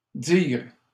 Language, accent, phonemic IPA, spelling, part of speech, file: French, Canada, /diʁ/, dires, noun, LL-Q150 (fra)-dires.wav
- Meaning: plural of dire